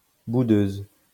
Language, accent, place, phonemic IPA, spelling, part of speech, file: French, France, Lyon, /bu.døz/, boudeuse, adjective, LL-Q150 (fra)-boudeuse.wav
- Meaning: feminine singular of boudeur